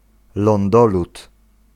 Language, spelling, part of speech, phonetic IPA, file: Polish, lądolód, noun, [lɔ̃nˈdɔlut], Pl-lądolód.ogg